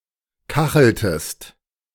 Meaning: inflection of kacheln: 1. second-person singular preterite 2. second-person singular subjunctive II
- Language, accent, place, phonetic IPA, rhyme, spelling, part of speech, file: German, Germany, Berlin, [ˈkaxl̩təst], -axl̩təst, kacheltest, verb, De-kacheltest.ogg